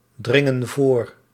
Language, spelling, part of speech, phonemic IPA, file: Dutch, dringen voor, verb, /ˈdrɪŋə(n) ˈvor/, Nl-dringen voor.ogg
- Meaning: inflection of voordringen: 1. plural present indicative 2. plural present subjunctive